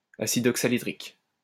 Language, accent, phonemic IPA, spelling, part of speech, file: French, France, /a.sid ɔk.sa.li.dʁik/, acide oxalhydrique, noun, LL-Q150 (fra)-acide oxalhydrique.wav
- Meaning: synonym of acide tartrique